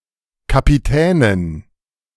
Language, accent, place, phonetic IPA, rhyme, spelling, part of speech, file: German, Germany, Berlin, [kapiˈtɛːnən], -ɛːnən, Kapitänen, noun, De-Kapitänen.ogg
- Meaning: dative plural of Kapitän